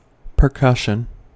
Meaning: 1. The collision of two bodies in order to produce a sound 2. The sound so produced 3. The detonation of a percussion cap in a firearm 4. The tapping of the body as an aid to medical diagnosis
- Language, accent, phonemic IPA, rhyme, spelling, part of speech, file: English, General American, /pɚˈkʌʃən/, -ʌʃən, percussion, noun, En-us-percussion.ogg